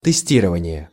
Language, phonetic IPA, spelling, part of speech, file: Russian, [tɨˈsʲtʲirəvənʲɪje], тестирование, noun, Ru-тестирование.ogg
- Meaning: verbal noun of тести́ровать (testírovatʹ): testing